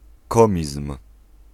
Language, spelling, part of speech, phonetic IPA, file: Polish, komizm, noun, [ˈkɔ̃mʲism̥], Pl-komizm.ogg